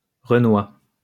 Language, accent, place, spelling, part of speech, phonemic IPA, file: French, France, Lyon, renoi, noun, /ʁə.nwa/, LL-Q150 (fra)-renoi.wav
- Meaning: a black person